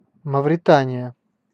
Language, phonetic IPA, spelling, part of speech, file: Russian, [məvrʲɪˈtanʲɪjə], Мавритания, proper noun, Ru-Мавритания.ogg
- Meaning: Mauritania (a country in West Africa)